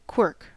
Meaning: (noun) An idiosyncrasy; a slight glitch, a mannerism; something unusual about the manner or style of something or someone
- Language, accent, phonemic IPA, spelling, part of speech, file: English, US, /kwɝk/, quirk, noun / verb, En-us-quirk.ogg